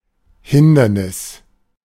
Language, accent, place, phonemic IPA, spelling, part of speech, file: German, Germany, Berlin, /ˈhɪndɐnɪs/, Hindernis, noun, De-Hindernis.ogg
- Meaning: obstacle